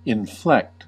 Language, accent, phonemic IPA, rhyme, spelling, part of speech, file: English, US, /ɪnˈflɛkt/, -ɛkt, inflect, verb, En-us-inflect.ogg
- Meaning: 1. To cause to curve inwards 2. To change the tone or pitch of the voice when speaking or singing 3. To vary the form of a word to express tense, gender, number, mood, etc